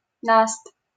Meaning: solid crust formed on snow after thawing and refreezing
- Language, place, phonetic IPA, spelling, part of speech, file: Russian, Saint Petersburg, [nast], наст, noun, LL-Q7737 (rus)-наст.wav